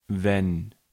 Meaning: 1. when, whenever 2. if (on the condition that)
- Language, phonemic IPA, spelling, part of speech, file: German, /vɛn/, wenn, conjunction, De-wenn.ogg